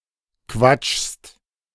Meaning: second-person singular present of quatschen
- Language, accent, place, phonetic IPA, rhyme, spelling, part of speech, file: German, Germany, Berlin, [kvat͡ʃst], -at͡ʃst, quatschst, verb, De-quatschst.ogg